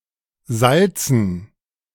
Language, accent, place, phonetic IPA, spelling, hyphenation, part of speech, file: German, Germany, Berlin, [ˈzalt͡sn̩], Salzen, Sal‧zen, noun, De-Salzen.ogg
- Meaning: 1. gerund of salzen 2. dative plural of Salz